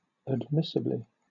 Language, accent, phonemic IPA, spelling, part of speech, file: English, Southern England, /ədˈmɪsɪbli/, admissibly, adverb, LL-Q1860 (eng)-admissibly.wav
- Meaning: In an admissible way.: 1. Acceptably, allowably 2. Concedably